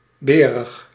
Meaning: on heat, in oestrus (of sows)
- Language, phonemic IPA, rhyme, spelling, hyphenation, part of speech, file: Dutch, /ˈbeː.rəx/, -eːrəx, berig, be‧rig, adjective, Nl-berig.ogg